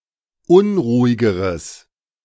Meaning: strong/mixed nominative/accusative neuter singular comparative degree of unruhig
- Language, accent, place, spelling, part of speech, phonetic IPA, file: German, Germany, Berlin, unruhigeres, adjective, [ˈʊnʁuːɪɡəʁəs], De-unruhigeres.ogg